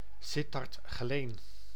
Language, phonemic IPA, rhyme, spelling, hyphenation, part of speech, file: Dutch, /ˈsɪ.tɑrt ɣəˈleːn/, -eːn, Sittard-Geleen, Sit‧tard-‧Ge‧leen, proper noun, Nl-Sittard-Geleen.ogg
- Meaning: a municipality of Limburg, Netherlands